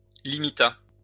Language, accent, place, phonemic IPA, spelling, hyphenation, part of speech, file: French, France, Lyon, /li.mi.ta/, limita, li‧mi‧ta, verb, LL-Q150 (fra)-limita.wav
- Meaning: third-person singular past historic of limiter